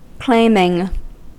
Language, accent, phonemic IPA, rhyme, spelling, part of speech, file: English, US, /ˈkleɪmɪŋ/, -eɪmɪŋ, claiming, verb / noun, En-us-claiming.ogg
- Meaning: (verb) present participle and gerund of claim; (noun) The act of making a claim